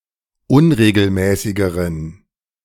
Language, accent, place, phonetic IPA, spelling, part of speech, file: German, Germany, Berlin, [ˈʊnʁeːɡl̩ˌmɛːsɪɡəʁən], unregelmäßigeren, adjective, De-unregelmäßigeren.ogg
- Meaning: inflection of unregelmäßig: 1. strong genitive masculine/neuter singular comparative degree 2. weak/mixed genitive/dative all-gender singular comparative degree